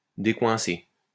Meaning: 1. to unjam, loosen 2. to loosen up
- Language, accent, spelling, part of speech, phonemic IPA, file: French, France, décoincer, verb, /de.kwɛ̃.se/, LL-Q150 (fra)-décoincer.wav